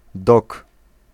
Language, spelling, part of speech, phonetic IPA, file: Polish, dok, noun, [dɔk], Pl-dok.ogg